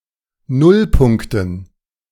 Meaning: dative plural of Nullpunkt
- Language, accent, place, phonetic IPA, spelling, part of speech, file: German, Germany, Berlin, [ˈnʊlˌpʊŋktn̩], Nullpunkten, noun, De-Nullpunkten.ogg